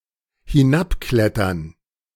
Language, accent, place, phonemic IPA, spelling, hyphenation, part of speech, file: German, Germany, Berlin, /hɪˈnapˌklɛtɐn/, hinabklettern, hi‧n‧ab‧klet‧tern, verb, De-hinabklettern.ogg
- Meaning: to climb down (away from speaker)